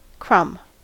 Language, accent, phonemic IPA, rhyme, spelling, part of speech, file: English, US, /kɹʌm/, -ʌm, crumb, noun / verb, En-us-crumb.ogg
- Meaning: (noun) 1. A small piece which breaks off from baked food (such as cake, biscuit or bread) 2. A small piece of any other solid substance 3. A bit, small amount 4. Ellipsis of crumb rubber